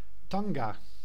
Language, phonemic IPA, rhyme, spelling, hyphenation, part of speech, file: Dutch, /ˈtɑŋ.ɡaː/, -ɑŋɡaː, tanga, tan‧ga, noun, Nl-tanga.ogg
- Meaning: 1. thong, G-string 2. woman, girl